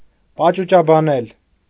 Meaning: to speak ornately, elaborately
- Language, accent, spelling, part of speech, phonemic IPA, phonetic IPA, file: Armenian, Eastern Armenian, պաճուճաբանել, verb, /pɑt͡ʃut͡ʃɑbɑˈnel/, [pɑt͡ʃut͡ʃɑbɑnél], Hy-պաճուճաբանել.ogg